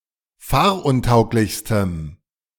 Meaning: strong dative masculine/neuter singular superlative degree of fahruntauglich
- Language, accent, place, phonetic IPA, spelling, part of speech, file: German, Germany, Berlin, [ˈfaːɐ̯ʔʊnˌtaʊ̯klɪçstəm], fahruntauglichstem, adjective, De-fahruntauglichstem.ogg